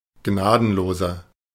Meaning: 1. comparative degree of gnadenlos 2. inflection of gnadenlos: strong/mixed nominative masculine singular 3. inflection of gnadenlos: strong genitive/dative feminine singular
- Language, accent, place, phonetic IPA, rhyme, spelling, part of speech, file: German, Germany, Berlin, [ˈɡnaːdn̩loːzɐ], -aːdn̩loːzɐ, gnadenloser, adjective, De-gnadenloser.ogg